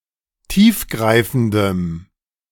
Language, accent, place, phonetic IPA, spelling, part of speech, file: German, Germany, Berlin, [ˈtiːfˌɡʁaɪ̯fn̩dəm], tiefgreifendem, adjective, De-tiefgreifendem.ogg
- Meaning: strong dative masculine/neuter singular of tiefgreifend